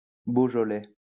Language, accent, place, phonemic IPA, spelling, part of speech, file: French, France, Lyon, /bo.ʒɔ.lɛ/, beaujolais, adjective / noun, LL-Q150 (fra)-beaujolais.wav
- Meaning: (adjective) of Beaujeu; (noun) a red wine from Burgundy, France